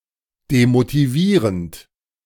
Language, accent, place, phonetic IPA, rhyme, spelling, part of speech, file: German, Germany, Berlin, [demotiˈviːʁənt], -iːʁənt, demotivierend, verb, De-demotivierend.ogg
- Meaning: present participle of demotivieren